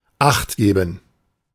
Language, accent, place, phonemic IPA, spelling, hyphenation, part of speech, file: German, Germany, Berlin, /ˈaχtˌɡeːbn̩/, achtgeben, acht‧ge‧ben, verb, De-achtgeben.ogg
- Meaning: 1. to pay attention, watch out 2. to be careful